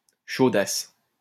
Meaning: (noun) sexually naughty girl; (adjective) slightly drunk; tipsy
- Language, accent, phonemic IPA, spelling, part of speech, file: French, France, /ʃo.das/, chaudasse, noun / adjective, LL-Q150 (fra)-chaudasse.wav